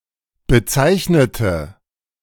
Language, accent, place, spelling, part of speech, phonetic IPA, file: German, Germany, Berlin, bezeichnete, adjective / verb, [bəˈt͡saɪ̯çnətə], De-bezeichnete.ogg
- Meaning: inflection of bezeichnen: 1. first/third-person singular preterite 2. first/third-person singular subjunctive II